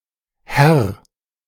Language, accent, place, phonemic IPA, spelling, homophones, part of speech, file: German, Germany, Berlin, /hɛr/, Herr, Heer / hehr, noun, De-Herr.ogg
- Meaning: 1. man, gentleman 2. sir, lord; address of subservient respect 3. Mr., mister, sir respectful address towards a man